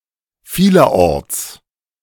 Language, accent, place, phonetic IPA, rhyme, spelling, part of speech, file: German, Germany, Berlin, [ˈfiːlɐˈʔɔʁt͡s], -ɔʁt͡s, vielerorts, adverb, De-vielerorts.ogg
- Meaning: in many places